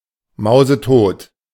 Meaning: stone dead, dead as a dodo, dead as a doornail
- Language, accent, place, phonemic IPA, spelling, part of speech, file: German, Germany, Berlin, /ˌmaʊ̯zəˈtoːt/, mausetot, adjective, De-mausetot.ogg